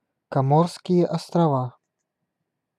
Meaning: Comoros (an archipelago and country in East Africa in the Indian Ocean)
- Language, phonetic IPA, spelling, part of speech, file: Russian, [kɐˈmorskʲɪje ɐstrɐˈva], Коморские острова, proper noun, Ru-Коморские острова.ogg